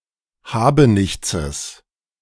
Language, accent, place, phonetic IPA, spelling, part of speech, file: German, Germany, Berlin, [ˈhaːbəˌnɪçt͡səs], Habenichtses, noun, De-Habenichtses.ogg
- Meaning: genitive singular of Habenichts